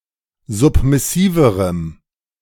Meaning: strong dative masculine/neuter singular comparative degree of submissiv
- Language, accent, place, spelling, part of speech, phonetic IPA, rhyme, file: German, Germany, Berlin, submissiverem, adjective, [ˌzʊpmɪˈsiːvəʁəm], -iːvəʁəm, De-submissiverem.ogg